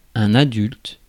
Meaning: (adjective) adult
- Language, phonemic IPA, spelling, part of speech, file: French, /a.dylt/, adulte, adjective / noun, Fr-adulte.ogg